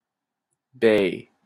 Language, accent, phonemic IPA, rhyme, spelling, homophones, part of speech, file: English, Canada, /beɪ/, -eɪ, bae, bay, noun / verb, En-ca-bae.opus
- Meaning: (noun) 1. Darling (term of endearment) 2. Asian pear; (verb) To make the sound of a wild animal, to bay